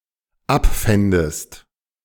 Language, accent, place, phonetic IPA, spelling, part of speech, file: German, Germany, Berlin, [ˈapˌfɛndəst], abfändest, verb, De-abfändest.ogg
- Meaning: second-person singular dependent subjunctive II of abfinden